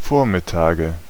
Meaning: 1. dative singular of Vormittag 2. nominative plural of Vormittag 3. genitive plural of Vormittag 4. accusative plural of Vormittag
- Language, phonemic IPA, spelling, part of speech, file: German, /ˈfoːɐ̯mɪˌtaːɡə/, Vormittage, noun, De-Vormittage.ogg